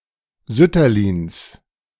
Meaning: 1. genitive singular of Sütterlin 2. plural of Sütterlin
- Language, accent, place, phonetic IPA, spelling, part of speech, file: German, Germany, Berlin, [ˈzʏtɐliːns], Sütterlins, noun, De-Sütterlins.ogg